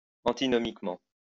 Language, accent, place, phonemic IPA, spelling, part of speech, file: French, France, Lyon, /ɑ̃.ti.nɔ.mik.mɑ̃/, antinomiquement, adverb, LL-Q150 (fra)-antinomiquement.wav
- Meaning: antonymously